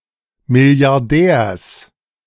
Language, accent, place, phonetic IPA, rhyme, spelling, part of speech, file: German, Germany, Berlin, [ˌmɪli̯aʁˈdɛːɐ̯s], -ɛːɐ̯s, Milliardärs, noun, De-Milliardärs.ogg
- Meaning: genitive singular of Milliardär